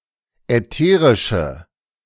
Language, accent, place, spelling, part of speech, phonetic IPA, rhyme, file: German, Germany, Berlin, ätherische, adjective, [ɛˈteːʁɪʃə], -eːʁɪʃə, De-ätherische.ogg
- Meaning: inflection of ätherisch: 1. strong/mixed nominative/accusative feminine singular 2. strong nominative/accusative plural 3. weak nominative all-gender singular